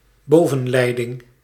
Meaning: overhead line
- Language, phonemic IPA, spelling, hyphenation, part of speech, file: Dutch, /ˈboː.və(n)ˌlɛi̯.dɪŋ/, bovenleiding, bo‧ven‧lei‧ding, noun, Nl-bovenleiding.ogg